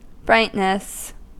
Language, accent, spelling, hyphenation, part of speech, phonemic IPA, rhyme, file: English, US, brightness, bright‧ness, noun, /ˈbɹaɪtnəs/, -aɪtnəs, En-us-brightness.ogg
- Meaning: 1. The quality of being bright 2. The perceived luminance of an object 3. Intelligence, cleverness